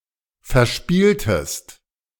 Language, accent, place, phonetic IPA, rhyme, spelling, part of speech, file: German, Germany, Berlin, [fɛɐ̯ˈʃpiːltəst], -iːltəst, verspieltest, verb, De-verspieltest.ogg
- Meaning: inflection of verspielen: 1. second-person singular preterite 2. second-person singular subjunctive II